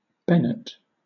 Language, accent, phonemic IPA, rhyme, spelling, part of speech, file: English, Southern England, /ˈbɛnət/, -ɛnət, benet, noun, LL-Q1860 (eng)-benet.wav
- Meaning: An exorcist, the third of the four lesser orders in the Roman Catholic church